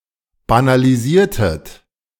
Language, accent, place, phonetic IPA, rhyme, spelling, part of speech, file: German, Germany, Berlin, [banaliˈziːɐ̯tət], -iːɐ̯tət, banalisiertet, verb, De-banalisiertet.ogg
- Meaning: inflection of banalisieren: 1. second-person plural preterite 2. second-person plural subjunctive II